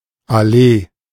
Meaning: avenue; street that is bordered on both sides by trees
- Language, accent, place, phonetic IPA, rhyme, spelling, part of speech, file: German, Germany, Berlin, [aˈleː], -eː, Allee, noun, De-Allee.ogg